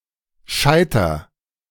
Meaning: inflection of scheitern: 1. first-person singular present 2. singular imperative
- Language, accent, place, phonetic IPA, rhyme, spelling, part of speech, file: German, Germany, Berlin, [ˈʃaɪ̯tɐ], -aɪ̯tɐ, scheiter, verb, De-scheiter.ogg